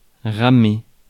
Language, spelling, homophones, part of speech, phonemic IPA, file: French, ramer, ramai / ramé / ramée / ramées / ramés / ramez, verb, /ʁa.me/, Fr-ramer.ogg
- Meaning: 1. to row 2. to have a hard time (be in difficulties)